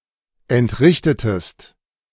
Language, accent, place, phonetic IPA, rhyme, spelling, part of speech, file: German, Germany, Berlin, [ɛntˈʁɪçtətəst], -ɪçtətəst, entrichtetest, verb, De-entrichtetest.ogg
- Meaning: inflection of entrichten: 1. second-person singular preterite 2. second-person singular subjunctive II